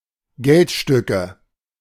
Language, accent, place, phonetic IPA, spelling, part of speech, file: German, Germany, Berlin, [ˈɡɛltˌʃtʏkə], Geldstücke, noun, De-Geldstücke.ogg
- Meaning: nominative/accusative/genitive plural of Geldstück